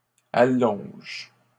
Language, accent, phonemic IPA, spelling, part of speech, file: French, Canada, /a.lɔ̃ʒ/, allonges, verb, LL-Q150 (fra)-allonges.wav
- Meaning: second-person singular present indicative/subjunctive of allonger